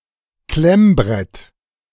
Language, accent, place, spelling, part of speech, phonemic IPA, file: German, Germany, Berlin, Klemmbrett, noun, /ˈklɛmˌbʁɛt/, De-Klemmbrett.ogg
- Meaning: clipboard (physical object)